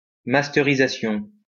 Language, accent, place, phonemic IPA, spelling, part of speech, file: French, France, Lyon, /mas.te.ʁi.za.sjɔ̃/, masterisation, noun, LL-Q150 (fra)-masterisation.wav
- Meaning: mastering (uniting sound and vision on a film etc)